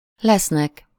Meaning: 1. third-person plural indicative future indefinite of van 2. third-person plural indicative present indefinite of lesz
- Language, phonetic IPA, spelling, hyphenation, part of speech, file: Hungarian, [ˈlɛsnɛk], lesznek, lesz‧nek, verb, Hu-lesznek.ogg